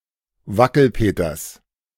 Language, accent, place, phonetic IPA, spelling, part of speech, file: German, Germany, Berlin, [ˈvakl̩ˌpeːtɐs], Wackelpeters, noun, De-Wackelpeters.ogg
- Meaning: genitive singular of Wackelpeter